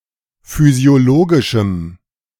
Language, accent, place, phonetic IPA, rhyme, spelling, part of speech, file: German, Germany, Berlin, [fyzi̯oˈloːɡɪʃm̩], -oːɡɪʃm̩, physiologischem, adjective, De-physiologischem.ogg
- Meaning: strong dative masculine/neuter singular of physiologisch